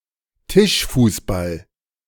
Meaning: table soccer, table football, foosball
- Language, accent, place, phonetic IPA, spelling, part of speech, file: German, Germany, Berlin, [ˈtɪʃfuːsˌbal], Tischfußball, noun, De-Tischfußball.ogg